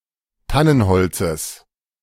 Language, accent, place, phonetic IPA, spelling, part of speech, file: German, Germany, Berlin, [ˈtanənˌhɔlt͡səs], Tannenholzes, noun, De-Tannenholzes.ogg
- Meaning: genitive singular of Tannenholz